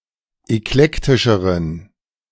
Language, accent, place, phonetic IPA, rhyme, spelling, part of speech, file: German, Germany, Berlin, [ɛkˈlɛktɪʃəʁən], -ɛktɪʃəʁən, eklektischeren, adjective, De-eklektischeren.ogg
- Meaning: inflection of eklektisch: 1. strong genitive masculine/neuter singular comparative degree 2. weak/mixed genitive/dative all-gender singular comparative degree